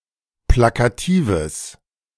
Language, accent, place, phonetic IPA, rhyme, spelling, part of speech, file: German, Germany, Berlin, [ˌplakaˈtiːvəs], -iːvəs, plakatives, adjective, De-plakatives.ogg
- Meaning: strong/mixed nominative/accusative neuter singular of plakativ